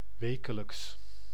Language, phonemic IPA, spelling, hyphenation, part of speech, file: Dutch, /ˈʋeː.kə.ləks/, wekelijks, we‧ke‧lijks, adverb / adjective, Nl-wekelijks.ogg
- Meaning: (adverb) weekly